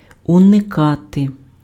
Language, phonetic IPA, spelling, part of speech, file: Ukrainian, [ʊneˈkate], уникати, verb, Uk-уникати.ogg
- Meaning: 1. to avoid, to evade, to elude, to escape 2. to avoid, to eschew, to shun